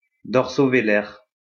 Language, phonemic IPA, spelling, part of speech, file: French, /ve.lɛʁ/, vélaire, adjective, LL-Q150 (fra)-vélaire.wav
- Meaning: velar